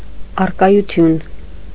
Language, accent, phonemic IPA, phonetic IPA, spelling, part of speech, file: Armenian, Eastern Armenian, /ɑrkɑjuˈtʰjun/, [ɑrkɑjut͡sʰjún], առկայություն, noun, Hy-առկայություն.ogg
- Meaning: presence, attendance